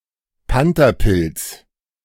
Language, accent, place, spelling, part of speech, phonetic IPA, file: German, Germany, Berlin, Pantherpilz, noun, [ˈpantɐˌpɪlt͡s], De-Pantherpilz.ogg
- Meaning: panther cap, Amanita pantherina